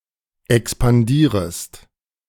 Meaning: second-person singular subjunctive I of expandieren
- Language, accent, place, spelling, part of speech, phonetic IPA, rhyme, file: German, Germany, Berlin, expandierest, verb, [ɛkspanˈdiːʁəst], -iːʁəst, De-expandierest.ogg